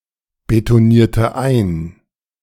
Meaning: inflection of einbetonieren: 1. first/third-person singular preterite 2. first/third-person singular subjunctive II
- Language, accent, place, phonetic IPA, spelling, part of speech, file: German, Germany, Berlin, [betoˌniːɐ̯tə ˈaɪ̯n], betonierte ein, verb, De-betonierte ein.ogg